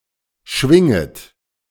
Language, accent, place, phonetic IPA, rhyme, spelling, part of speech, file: German, Germany, Berlin, [ˈʃvɪŋət], -ɪŋət, schwinget, verb, De-schwinget.ogg
- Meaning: second-person plural subjunctive I of schwingen